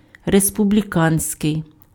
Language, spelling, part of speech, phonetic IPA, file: Ukrainian, республіканський, adjective, [respʊblʲiˈkanʲsʲkei̯], Uk-республіканський.ogg
- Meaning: republican